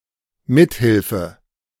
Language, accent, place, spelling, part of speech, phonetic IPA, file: German, Germany, Berlin, Mithilfe, noun, [ˈmɪthɪlfə], De-Mithilfe.ogg
- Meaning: help, assistance